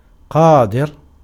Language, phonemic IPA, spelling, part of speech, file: Arabic, /qaː.dir/, قادر, adjective / proper noun, Ar-قادر.ogg
- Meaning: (adjective) 1. powerful 2. capable, able 3. efficient, talented; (proper noun) one of God's names in Islam, ("the All Able, the Powerful, the Omnipotent")